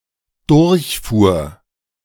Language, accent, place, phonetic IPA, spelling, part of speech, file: German, Germany, Berlin, [ˈdʊʁçˌfuːɐ̯], durchfuhr, verb, De-durchfuhr.ogg
- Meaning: first/third-person singular dependent preterite of durchfahren